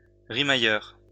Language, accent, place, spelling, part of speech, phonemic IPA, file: French, France, Lyon, rimailleur, noun, /ʁi.ma.jœʁ/, LL-Q150 (fra)-rimailleur.wav
- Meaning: rhymester